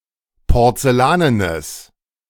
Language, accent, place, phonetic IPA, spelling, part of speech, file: German, Germany, Berlin, [pɔʁt͡sɛˈlaːnənəs], porzellanenes, adjective, De-porzellanenes.ogg
- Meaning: strong/mixed nominative/accusative neuter singular of porzellanen